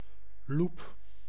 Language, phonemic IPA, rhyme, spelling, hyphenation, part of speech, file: Dutch, /lup/, -up, loep, loep, noun, Nl-loep.ogg
- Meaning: magnifying glass